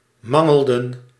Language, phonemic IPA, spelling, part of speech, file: Dutch, /ˈmɑŋəɫˌdə(n)/, mangelden, verb, Nl-mangelden.ogg
- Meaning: inflection of mangelen: 1. plural past indicative 2. plural past subjunctive